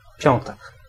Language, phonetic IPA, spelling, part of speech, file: Polish, [ˈpʲjɔ̃ntɛk], piątek, noun, Pl-piątek.ogg